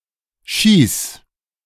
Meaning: singular imperative of schießen
- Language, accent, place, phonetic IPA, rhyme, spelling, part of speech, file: German, Germany, Berlin, [ʃiːs], -iːs, schieß, verb, De-schieß.ogg